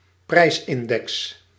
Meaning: price index
- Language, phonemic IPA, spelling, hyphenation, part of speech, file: Dutch, /ˈprɛi̯s.ɪnˌdɛks/, prijsindex, prijs‧in‧dex, noun, Nl-prijsindex.ogg